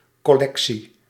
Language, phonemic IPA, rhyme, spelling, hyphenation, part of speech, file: Dutch, /ˌkɔˈlɛk.si/, -ɛksi, collectie, col‧lec‧tie, noun, Nl-collectie.ogg
- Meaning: collection